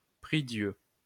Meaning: prie-dieu
- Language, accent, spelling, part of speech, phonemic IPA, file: French, France, prie-Dieu, noun, /pʁi.djø/, LL-Q150 (fra)-prie-Dieu.wav